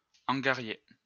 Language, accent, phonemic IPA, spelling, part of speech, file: French, France, /ɑ̃.ɡa.ʁje/, angarier, verb, LL-Q150 (fra)-angarier.wav
- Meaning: to vex, torment